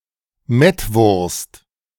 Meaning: a strongly flavoured German sausage made from raw minced pork, which is preserved by curing and smoking
- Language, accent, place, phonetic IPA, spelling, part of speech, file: German, Germany, Berlin, [ˈmɛtˌvʊʁst], Mettwurst, noun, De-Mettwurst.ogg